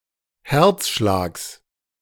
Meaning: genitive singular of Herzschlag
- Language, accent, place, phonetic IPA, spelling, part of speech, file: German, Germany, Berlin, [ˈhɛʁt͡sˌʃlaːks], Herzschlags, noun, De-Herzschlags.ogg